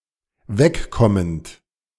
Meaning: present participle of wegkommen
- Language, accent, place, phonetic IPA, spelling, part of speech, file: German, Germany, Berlin, [ˈvɛkˌkɔmənt], wegkommend, verb, De-wegkommend.ogg